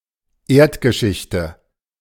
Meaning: 1. history of the Earth 2. geology
- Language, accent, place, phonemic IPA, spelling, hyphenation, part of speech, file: German, Germany, Berlin, /ˈeːɐ̯tɡəˌʃɪçtə/, Erdgeschichte, Erd‧ge‧schich‧te, noun, De-Erdgeschichte.ogg